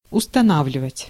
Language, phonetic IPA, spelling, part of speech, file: Russian, [ʊstɐˈnavlʲɪvətʲ], устанавливать, verb, Ru-устанавливать.ogg
- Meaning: 1. to install, to place, to mount 2. to establish 3. to determine, to fix, to ascertain